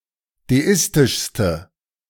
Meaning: inflection of deistisch: 1. strong/mixed nominative/accusative feminine singular superlative degree 2. strong nominative/accusative plural superlative degree
- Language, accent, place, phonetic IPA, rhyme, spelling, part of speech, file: German, Germany, Berlin, [deˈɪstɪʃstə], -ɪstɪʃstə, deistischste, adjective, De-deistischste.ogg